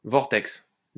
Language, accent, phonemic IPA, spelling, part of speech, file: French, France, /vɔʁ.tɛks/, vortex, noun, LL-Q150 (fra)-vortex.wav
- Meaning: vortex